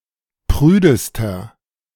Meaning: inflection of prüde: 1. strong/mixed nominative masculine singular superlative degree 2. strong genitive/dative feminine singular superlative degree 3. strong genitive plural superlative degree
- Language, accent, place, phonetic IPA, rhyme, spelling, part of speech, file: German, Germany, Berlin, [ˈpʁyːdəstɐ], -yːdəstɐ, prüdester, adjective, De-prüdester.ogg